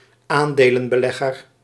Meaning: investor in shares
- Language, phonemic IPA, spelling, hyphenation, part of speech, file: Dutch, /ˈaːn.deː.lə(n).bəˌlɛ.ɣər/, aandelenbelegger, aan‧de‧len‧be‧leg‧ger, noun, Nl-aandelenbelegger.ogg